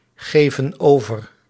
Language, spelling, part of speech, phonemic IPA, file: Dutch, geven over, verb, /ˈɣevə(n) ˈovər/, Nl-geven over.ogg
- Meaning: inflection of overgeven: 1. plural present indicative 2. plural present subjunctive